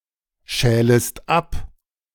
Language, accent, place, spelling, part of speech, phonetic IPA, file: German, Germany, Berlin, schälest ab, verb, [ˌʃɛːləst ˈap], De-schälest ab.ogg
- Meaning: second-person singular subjunctive I of abschälen